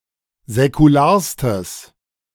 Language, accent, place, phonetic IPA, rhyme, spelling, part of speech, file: German, Germany, Berlin, [zɛkuˈlaːɐ̯stəs], -aːɐ̯stəs, säkularstes, adjective, De-säkularstes.ogg
- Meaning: strong/mixed nominative/accusative neuter singular superlative degree of säkular